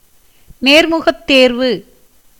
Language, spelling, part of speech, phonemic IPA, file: Tamil, நேர்முகத்தேர்வு, noun, /neːɾmʊɡɐt̪ːeːɾʋɯ/, Ta-நேர்முகத்தேர்வு.ogg
- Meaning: interview